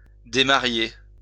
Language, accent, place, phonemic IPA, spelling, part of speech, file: French, France, Lyon, /de.ma.ʁje/, démarier, verb, LL-Q150 (fra)-démarier.wav
- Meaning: 1. to unmarry 2. to be unmarried